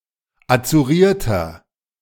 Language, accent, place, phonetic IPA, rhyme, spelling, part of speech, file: German, Germany, Berlin, [at͡suˈʁiːɐ̯tɐ], -iːɐ̯tɐ, azurierter, adjective, De-azurierter.ogg
- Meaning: inflection of azuriert: 1. strong/mixed nominative masculine singular 2. strong genitive/dative feminine singular 3. strong genitive plural